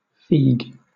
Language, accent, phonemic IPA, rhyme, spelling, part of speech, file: English, Southern England, /fiːɡ/, -iːɡ, feague, verb / noun, LL-Q1860 (eng)-feague.wav
- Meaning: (verb) 1. To increase the liveliness of a horse by inserting an irritant, such as a piece of peeled raw ginger or a live eel, in its anus 2. To beat or whip; to drive